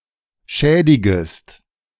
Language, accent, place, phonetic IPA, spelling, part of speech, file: German, Germany, Berlin, [ˈʃɛːdɪɡəst], schädigest, verb, De-schädigest.ogg
- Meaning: second-person singular subjunctive I of schädigen